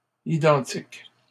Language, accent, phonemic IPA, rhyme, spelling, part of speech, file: French, Canada, /i.dɑ̃.tik/, -ɑ̃tik, identiques, adjective, LL-Q150 (fra)-identiques.wav
- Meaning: plural of identique